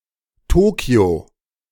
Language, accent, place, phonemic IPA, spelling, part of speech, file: German, Germany, Berlin, /ˈtoːki̯o/, Tokio, proper noun, De-Tokio.ogg
- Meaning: Tokyo (a prefecture, the capital and largest city of Japan)